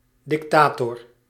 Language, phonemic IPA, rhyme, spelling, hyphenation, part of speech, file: Dutch, /ˌdɪkˈtaː.tɔr/, -aːtɔr, dictator, dic‧ta‧tor, noun, Nl-dictator.ogg
- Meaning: 1. dictator (tyrant, despot) 2. dictator (Roman magistrate with expanded powers)